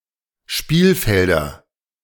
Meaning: nominative/accusative/genitive plural of Spielfeld
- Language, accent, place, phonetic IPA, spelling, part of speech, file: German, Germany, Berlin, [ˈʃpiːlˌfɛldɐ], Spielfelder, noun, De-Spielfelder.ogg